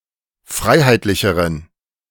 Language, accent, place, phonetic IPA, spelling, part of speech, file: German, Germany, Berlin, [ˈfʁaɪ̯haɪ̯tlɪçəʁən], freiheitlicheren, adjective, De-freiheitlicheren.ogg
- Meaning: inflection of freiheitlich: 1. strong genitive masculine/neuter singular comparative degree 2. weak/mixed genitive/dative all-gender singular comparative degree